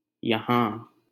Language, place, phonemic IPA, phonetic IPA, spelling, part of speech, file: Hindi, Delhi, /jə.ɦɑ̃ː/, [jɐ.ɦä̃ː], यहाँ, adverb, LL-Q1568 (hin)-यहाँ.wav
- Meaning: here